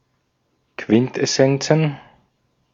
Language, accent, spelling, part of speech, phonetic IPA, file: German, Austria, Quintessenzen, noun, [ˈkvɪntʔɛˌsɛnt͡sn̩], De-at-Quintessenzen.ogg
- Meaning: plural of Quintessenz